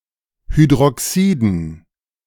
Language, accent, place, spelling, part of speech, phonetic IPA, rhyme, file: German, Germany, Berlin, Hydroxiden, noun, [hydʁɔˈksiːdn̩], -iːdn̩, De-Hydroxiden.ogg
- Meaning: dative plural of Hydroxid